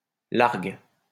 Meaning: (adjective) free; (noun) reach; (verb) inflection of larguer: 1. first/third-person singular present indicative/subjunctive 2. second-person singular imperative
- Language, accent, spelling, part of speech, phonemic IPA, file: French, France, largue, adjective / noun / verb, /laʁɡ/, LL-Q150 (fra)-largue.wav